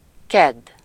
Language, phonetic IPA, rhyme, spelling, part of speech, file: Hungarian, [ˈkɛdː], -ɛdː, kedd, noun, Hu-kedd.ogg
- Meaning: Tuesday